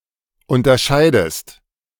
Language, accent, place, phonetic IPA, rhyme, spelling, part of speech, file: German, Germany, Berlin, [ˌʊntɐˈʃaɪ̯dəst], -aɪ̯dəst, unterscheidest, verb, De-unterscheidest.ogg
- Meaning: inflection of unterscheiden: 1. second-person singular present 2. second-person singular subjunctive I